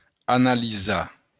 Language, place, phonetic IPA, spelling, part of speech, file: Occitan, Béarn, [analiˈza], analisar, verb, LL-Q14185 (oci)-analisar.wav
- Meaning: to analyze